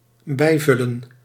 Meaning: to top up, to refill
- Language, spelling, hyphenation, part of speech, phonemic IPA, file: Dutch, bijvullen, bij‧vul‧len, verb, /ˈbɛi̯ˌvʏ.lə(n)/, Nl-bijvullen.ogg